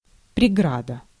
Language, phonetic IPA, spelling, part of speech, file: Russian, [prʲɪˈɡradə], преграда, noun, Ru-преграда.ogg
- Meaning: bar, barrier, obstacle